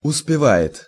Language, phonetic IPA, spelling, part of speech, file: Russian, [ʊspʲɪˈva(j)ɪt], успевает, verb, Ru-успевает.ogg
- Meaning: third-person singular present indicative imperfective of успева́ть (uspevátʹ)